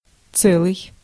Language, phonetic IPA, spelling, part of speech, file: Russian, [ˈt͡sɛɫɨj], целый, adjective, Ru-целый.ogg
- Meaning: 1. whole, entire 2. intact, safe 3. integer